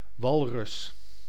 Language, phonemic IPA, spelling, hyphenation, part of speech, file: Dutch, /ˈʋɑlrʏs/, walrus, wal‧rus, noun, Nl-walrus.ogg
- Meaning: walrus, any member of the family Odobenidae of which Odobenus rosmarus is the sole extant member